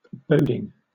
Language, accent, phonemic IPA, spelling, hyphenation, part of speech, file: English, Southern England, /ˈbəʊdɪŋ/, boding, bod‧ing, adjective / noun / verb, LL-Q1860 (eng)-boding.wav
- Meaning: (adjective) foreboding, ominous, portending; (noun) gerund of bode: a prediction of disaster; an omen, a portent; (verb) present participle and gerund of bode